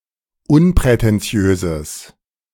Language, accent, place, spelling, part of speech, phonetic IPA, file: German, Germany, Berlin, unprätentiöses, adjective, [ˈʊnpʁɛtɛnˌt͡si̯øːzəs], De-unprätentiöses.ogg
- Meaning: strong/mixed nominative/accusative neuter singular of unprätentiös